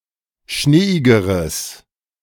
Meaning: strong/mixed nominative/accusative neuter singular comparative degree of schneeig
- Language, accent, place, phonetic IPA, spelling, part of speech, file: German, Germany, Berlin, [ˈʃneːɪɡəʁəs], schneeigeres, adjective, De-schneeigeres.ogg